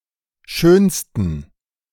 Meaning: 1. superlative degree of schön 2. inflection of schön: strong genitive masculine/neuter singular superlative degree
- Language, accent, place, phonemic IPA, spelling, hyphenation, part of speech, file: German, Germany, Berlin, /ˈʃøːnstən/, schönsten, schön‧sten, adjective, De-schönsten.ogg